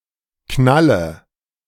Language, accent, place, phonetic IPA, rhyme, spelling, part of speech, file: German, Germany, Berlin, [ˈknalə], -alə, Knalle, noun, De-Knalle.ogg
- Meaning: nominative/accusative/genitive plural of Knall